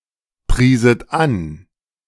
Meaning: second-person plural subjunctive II of anpreisen
- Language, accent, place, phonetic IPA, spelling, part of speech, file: German, Germany, Berlin, [ˌpʁiːsət ˈan], prieset an, verb, De-prieset an.ogg